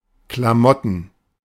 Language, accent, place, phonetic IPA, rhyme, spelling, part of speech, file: German, Germany, Berlin, [klaˈmɔtn̩], -ɔtn̩, Klamotten, noun, De-Klamotten.ogg
- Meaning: plural of Klamotte